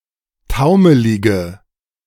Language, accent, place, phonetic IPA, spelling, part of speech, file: German, Germany, Berlin, [ˈtaʊ̯məlɪɡə], taumelige, adjective, De-taumelige.ogg
- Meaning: inflection of taumelig: 1. strong/mixed nominative/accusative feminine singular 2. strong nominative/accusative plural 3. weak nominative all-gender singular